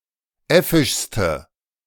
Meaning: inflection of äffisch: 1. strong/mixed nominative/accusative feminine singular superlative degree 2. strong nominative/accusative plural superlative degree
- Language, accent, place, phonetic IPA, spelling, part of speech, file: German, Germany, Berlin, [ˈɛfɪʃstə], äffischste, adjective, De-äffischste.ogg